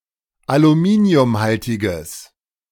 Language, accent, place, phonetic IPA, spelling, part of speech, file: German, Germany, Berlin, [aluˈmiːni̯ʊmˌhaltɪɡəs], aluminiumhaltiges, adjective, De-aluminiumhaltiges.ogg
- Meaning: strong/mixed nominative/accusative neuter singular of aluminiumhaltig